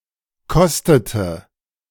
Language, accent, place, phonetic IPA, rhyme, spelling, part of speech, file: German, Germany, Berlin, [ˈkɔstətə], -ɔstətə, kostete, verb, De-kostete.ogg
- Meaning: inflection of kosten: 1. first/third-person singular preterite 2. first/third-person singular subjunctive II